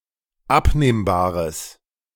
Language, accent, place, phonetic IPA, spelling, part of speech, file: German, Germany, Berlin, [ˈapneːmbaːʁəs], abnehmbares, adjective, De-abnehmbares.ogg
- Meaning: strong/mixed nominative/accusative neuter singular of abnehmbar